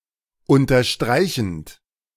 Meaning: present participle of unterstreichen
- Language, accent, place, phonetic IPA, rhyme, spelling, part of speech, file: German, Germany, Berlin, [ˌʊntɐˈʃtʁaɪ̯çn̩t], -aɪ̯çn̩t, unterstreichend, verb, De-unterstreichend.ogg